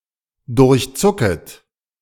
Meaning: second-person plural subjunctive I of durchzucken
- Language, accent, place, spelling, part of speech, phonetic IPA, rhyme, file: German, Germany, Berlin, durchzucket, verb, [dʊʁçˈt͡sʊkət], -ʊkət, De-durchzucket.ogg